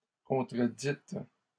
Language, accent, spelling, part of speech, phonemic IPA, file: French, Canada, contredîtes, verb, /kɔ̃.tʁə.dit/, LL-Q150 (fra)-contredîtes.wav
- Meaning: second-person plural past historic of contredire